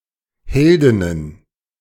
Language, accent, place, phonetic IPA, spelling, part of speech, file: German, Germany, Berlin, [ˈhɛldɪnən], Heldinnen, noun, De-Heldinnen.ogg
- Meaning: plural of Heldin